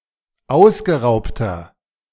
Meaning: inflection of ausgeraubt: 1. strong/mixed nominative masculine singular 2. strong genitive/dative feminine singular 3. strong genitive plural
- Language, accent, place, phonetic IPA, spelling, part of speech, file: German, Germany, Berlin, [ˈaʊ̯sɡəˌʁaʊ̯ptɐ], ausgeraubter, adjective, De-ausgeraubter.ogg